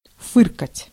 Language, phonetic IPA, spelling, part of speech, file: Russian, [ˈfɨrkətʲ], фыркать, verb, Ru-фыркать.ogg
- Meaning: 1. to snort, to sniff 2. to sniff scornfully, to scoff, to grouse, to grumble 3. to chuckle, to chortle, to snicker